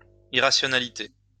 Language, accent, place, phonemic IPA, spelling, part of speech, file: French, France, Lyon, /i.ʁa.sjɔ.na.li.te/, irrationalité, noun, LL-Q150 (fra)-irrationalité.wav
- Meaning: irrationality